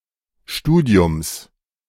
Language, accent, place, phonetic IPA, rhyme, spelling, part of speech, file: German, Germany, Berlin, [ˈʃtuːdi̯ʊms], -uːdi̯ʊms, Studiums, noun, De-Studiums.ogg
- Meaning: genitive singular of Studium